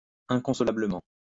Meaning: inconsolably
- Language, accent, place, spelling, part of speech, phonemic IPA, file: French, France, Lyon, inconsolablement, adverb, /ɛ̃.kɔ̃.sɔ.la.blə.mɑ̃/, LL-Q150 (fra)-inconsolablement.wav